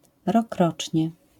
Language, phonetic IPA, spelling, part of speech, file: Polish, [rɔˈkrɔt͡ʃʲɲɛ], rokrocznie, adverb, LL-Q809 (pol)-rokrocznie.wav